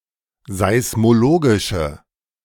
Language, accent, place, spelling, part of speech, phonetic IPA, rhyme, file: German, Germany, Berlin, seismologische, adjective, [zaɪ̯smoˈloːɡɪʃə], -oːɡɪʃə, De-seismologische.ogg
- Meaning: inflection of seismologisch: 1. strong/mixed nominative/accusative feminine singular 2. strong nominative/accusative plural 3. weak nominative all-gender singular